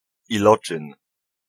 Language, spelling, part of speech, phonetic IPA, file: Polish, iloczyn, noun, [iˈlɔt͡ʃɨ̃n], Pl-iloczyn.ogg